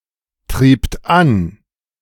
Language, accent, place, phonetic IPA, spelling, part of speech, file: German, Germany, Berlin, [ˌtʁiːpt ˈan], triebt an, verb, De-triebt an.ogg
- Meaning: second-person plural preterite of antreiben